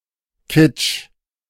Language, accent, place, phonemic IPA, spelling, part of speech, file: German, Germany, Berlin, /ˈkɪt͡ʃ/, Kitsch, noun, De-Kitsch.ogg
- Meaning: kitsch